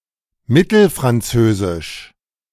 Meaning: Middle French (related to the Middle French language)
- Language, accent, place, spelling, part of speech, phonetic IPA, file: German, Germany, Berlin, mittelfranzösisch, adjective, [ˈmɪtl̩fʁanˌt͡søːzɪʃ], De-mittelfranzösisch.ogg